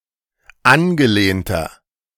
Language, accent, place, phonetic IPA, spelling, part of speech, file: German, Germany, Berlin, [ˈanɡəˌleːntɐ], angelehnter, adjective, De-angelehnter.ogg
- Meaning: inflection of angelehnt: 1. strong/mixed nominative masculine singular 2. strong genitive/dative feminine singular 3. strong genitive plural